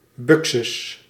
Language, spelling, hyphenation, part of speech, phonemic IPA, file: Dutch, buxus, bu‧xus, noun, /ˈbʏk.sʏs/, Nl-buxus.ogg
- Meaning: 1. A box, boxwood, any plant of the genus Buxus 2. European boxwood (Buxus sempervirens)